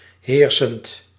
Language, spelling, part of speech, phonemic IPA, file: Dutch, heersend, verb / adjective, /ˈhersənt/, Nl-heersend.ogg
- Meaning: present participle of heersen